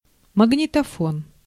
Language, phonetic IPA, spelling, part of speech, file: Russian, [məɡnʲɪtɐˈfon], магнитофон, noun, Ru-магнитофон.ogg
- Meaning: tape recorder, cassette deck